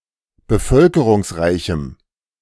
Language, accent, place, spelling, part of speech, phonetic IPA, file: German, Germany, Berlin, bevölkerungsreichem, adjective, [bəˈfœlkəʁʊŋsˌʁaɪ̯çm̩], De-bevölkerungsreichem.ogg
- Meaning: strong dative masculine/neuter singular of bevölkerungsreich